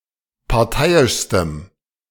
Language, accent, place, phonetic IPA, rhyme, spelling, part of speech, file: German, Germany, Berlin, [paʁˈtaɪ̯ɪʃstəm], -aɪ̯ɪʃstəm, parteiischstem, adjective, De-parteiischstem.ogg
- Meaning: strong dative masculine/neuter singular superlative degree of parteiisch